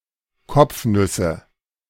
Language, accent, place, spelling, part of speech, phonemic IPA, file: German, Germany, Berlin, Kopfnüsse, noun, /ˈkɔpfˌnʏsə/, De-Kopfnüsse.ogg
- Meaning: nominative/accusative/genitive plural of Kopfnuss